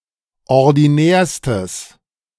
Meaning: strong/mixed nominative/accusative neuter singular superlative degree of ordinär
- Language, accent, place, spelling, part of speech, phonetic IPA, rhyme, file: German, Germany, Berlin, ordinärstes, adjective, [ɔʁdiˈnɛːɐ̯stəs], -ɛːɐ̯stəs, De-ordinärstes.ogg